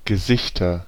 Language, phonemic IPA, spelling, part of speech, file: German, /ɡəˈzɪçtɐ/, Gesichter, noun, De-Gesichter.ogg
- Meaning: nominative/accusative/genitive plural of Gesicht